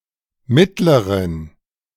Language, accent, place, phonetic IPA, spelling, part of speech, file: German, Germany, Berlin, [ˈmɪtləʁən], mittleren, adjective, De-mittleren.ogg
- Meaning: inflection of mittel: 1. strong genitive masculine/neuter singular comparative degree 2. weak/mixed genitive/dative all-gender singular comparative degree